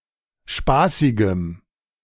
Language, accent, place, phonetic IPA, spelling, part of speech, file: German, Germany, Berlin, [ˈʃpaːsɪɡəm], spaßigem, adjective, De-spaßigem.ogg
- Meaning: strong dative masculine/neuter singular of spaßig